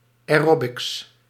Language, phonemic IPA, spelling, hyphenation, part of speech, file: Dutch, /ˌɛˈrɔ.bɪks/, aerobics, ae‧ro‧bics, noun, Nl-aerobics.ogg
- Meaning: aerobics (type of exercise to music)